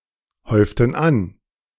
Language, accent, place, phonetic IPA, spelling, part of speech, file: German, Germany, Berlin, [ˌhɔɪ̯ftn̩ ˈan], häuften an, verb, De-häuften an.ogg
- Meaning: inflection of anhäufen: 1. first/third-person plural preterite 2. first/third-person plural subjunctive II